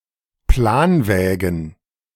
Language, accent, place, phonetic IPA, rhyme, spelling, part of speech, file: German, Germany, Berlin, [ˈplaːnˌvɛːɡn̩], -aːnvɛːɡn̩, Planwägen, noun, De-Planwägen.ogg
- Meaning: plural of Planwagen